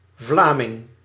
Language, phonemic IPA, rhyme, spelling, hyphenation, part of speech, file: Dutch, /ˈvlaːmɪŋ/, -aːmɪŋ, Vlaming, Vla‧ming, noun, Nl-Vlaming.ogg
- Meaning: Fleming (person from Flanders)